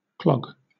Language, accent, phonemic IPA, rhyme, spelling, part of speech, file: English, Southern England, /klɒɡ/, -ɒɡ, clog, noun / verb, LL-Q1860 (eng)-clog.wav
- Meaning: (noun) 1. A type of shoe with an inflexible, often wooden sole sometimes with an open heel 2. A blockage 3. A shoe of any type